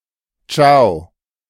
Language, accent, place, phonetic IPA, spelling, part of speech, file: German, Germany, Berlin, [t͡ʃaʊ̯], ciao, interjection, De-ciao.ogg
- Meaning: ciao